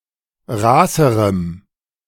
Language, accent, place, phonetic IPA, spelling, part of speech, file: German, Germany, Berlin, [ˈʁaːsəʁəm], raßerem, adjective, De-raßerem.ogg
- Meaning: strong dative masculine/neuter singular comparative degree of raß